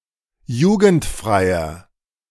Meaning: inflection of jugendfrei: 1. strong/mixed nominative masculine singular 2. strong genitive/dative feminine singular 3. strong genitive plural
- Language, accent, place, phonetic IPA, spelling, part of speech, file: German, Germany, Berlin, [ˈjuːɡn̩tˌfʁaɪ̯ɐ], jugendfreier, adjective, De-jugendfreier.ogg